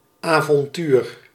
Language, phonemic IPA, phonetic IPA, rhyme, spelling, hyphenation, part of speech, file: Dutch, /aːvɔnˈtyr/, [aːvɔnˈtyːr], -yr, avontuur, avon‧tuur, noun, Nl-avontuur.ogg
- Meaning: 1. adventure (remarkable, exciting or challenging experience) 2. random occurrence, chance occurrence